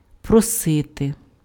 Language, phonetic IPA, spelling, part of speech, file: Ukrainian, [prɔˈsɪte], просити, verb, Uk-просити.ogg
- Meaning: 1. to ask for, to beg for 2. to intercede for 3. to invite